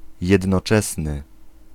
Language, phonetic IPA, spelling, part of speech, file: Polish, [ˌjɛdnɔˈt͡ʃɛsnɨ], jednoczesny, adjective, Pl-jednoczesny.ogg